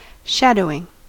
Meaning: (noun) The effect of being shadowed (in the sense of blocked), as from a light source or radio transmission
- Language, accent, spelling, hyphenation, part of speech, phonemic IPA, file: English, General American, shadowing, sha‧dow‧ing, noun / verb, /ʃædoʊɪŋ/, En-us-shadowing.ogg